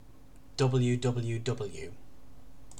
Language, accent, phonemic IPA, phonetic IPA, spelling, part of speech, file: English, UK, /ˈdʌ.bəl.juː ˈdʌ.bəl.juː ˈdʌ.bəl.juː/, [dʌ.ɥʊ̆.dʌ.ɥʊ̆.dʌ.bˡju], WWW, proper noun, En-uk-WWW.ogg
- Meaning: 1. Initialism of World Wide Web 2. Initialism of World Wide Web Consortium